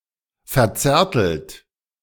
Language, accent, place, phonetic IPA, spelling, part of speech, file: German, Germany, Berlin, [fɛɐ̯ˈt͡sɛːɐ̯tl̩t], verzärtelt, verb, De-verzärtelt.ogg
- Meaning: 1. past participle of verzärteln 2. inflection of verzärteln: second-person plural present 3. inflection of verzärteln: third-person singular present 4. inflection of verzärteln: plural imperative